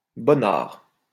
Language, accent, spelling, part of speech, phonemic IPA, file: French, France, bonnard, adjective, /bɔ.naʁ/, LL-Q150 (fra)-bonnard.wav
- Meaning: nice